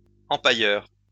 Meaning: taxidermist
- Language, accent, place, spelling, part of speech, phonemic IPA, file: French, France, Lyon, empailleur, noun, /ɑ̃.pa.jœʁ/, LL-Q150 (fra)-empailleur.wav